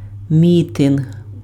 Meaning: rally, mass-meeting (a demonstration; an event where people gather together to protest against a given cause or express solidarity)
- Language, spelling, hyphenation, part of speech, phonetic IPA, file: Ukrainian, мітинг, мі‧тинг, noun, [ˈmʲitenɦ], Uk-мітинг.ogg